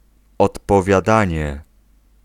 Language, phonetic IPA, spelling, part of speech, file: Polish, [ˌɔtpɔvʲjaˈdãɲɛ], odpowiadanie, noun, Pl-odpowiadanie.ogg